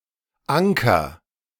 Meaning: inflection of ankern: 1. first-person singular present 2. singular imperative
- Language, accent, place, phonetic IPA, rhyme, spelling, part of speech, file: German, Germany, Berlin, [ˈaŋkɐ], -aŋkɐ, anker, verb, De-anker.ogg